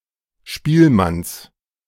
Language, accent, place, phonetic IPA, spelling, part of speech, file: German, Germany, Berlin, [ˈʃpiːlˌmans], Spielmanns, noun, De-Spielmanns.ogg
- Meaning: genitive of Spielmann